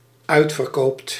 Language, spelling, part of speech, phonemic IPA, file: Dutch, uitverkoopt, verb, /ˈœy̯t.fər.ˌkoːpt/, Nl-uitverkoopt.ogg
- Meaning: second/third-person singular dependent-clause present indicative of uitverkopen